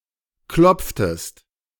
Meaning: inflection of klopfen: 1. second-person singular preterite 2. second-person singular subjunctive II
- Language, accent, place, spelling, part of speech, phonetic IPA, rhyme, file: German, Germany, Berlin, klopftest, verb, [ˈklɔp͡ftəst], -ɔp͡ftəst, De-klopftest.ogg